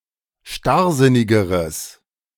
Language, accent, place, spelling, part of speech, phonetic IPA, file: German, Germany, Berlin, starrsinnigeres, adjective, [ˈʃtaʁˌzɪnɪɡəʁəs], De-starrsinnigeres.ogg
- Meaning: strong/mixed nominative/accusative neuter singular comparative degree of starrsinnig